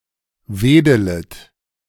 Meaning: second-person plural subjunctive I of wedeln
- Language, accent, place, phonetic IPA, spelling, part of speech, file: German, Germany, Berlin, [ˈveːdələt], wedelet, verb, De-wedelet.ogg